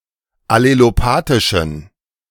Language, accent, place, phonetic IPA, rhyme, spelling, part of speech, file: German, Germany, Berlin, [aleloˈpaːtɪʃn̩], -aːtɪʃn̩, allelopathischen, adjective, De-allelopathischen.ogg
- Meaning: inflection of allelopathisch: 1. strong genitive masculine/neuter singular 2. weak/mixed genitive/dative all-gender singular 3. strong/weak/mixed accusative masculine singular 4. strong dative plural